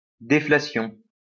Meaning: 1. deflation 2. wind erosion
- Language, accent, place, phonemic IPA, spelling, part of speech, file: French, France, Lyon, /de.fla.sjɔ̃/, déflation, noun, LL-Q150 (fra)-déflation.wav